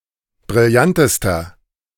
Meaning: inflection of brillant: 1. strong/mixed nominative masculine singular superlative degree 2. strong genitive/dative feminine singular superlative degree 3. strong genitive plural superlative degree
- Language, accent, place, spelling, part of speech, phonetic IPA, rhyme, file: German, Germany, Berlin, brillantester, adjective, [bʁɪlˈjantəstɐ], -antəstɐ, De-brillantester.ogg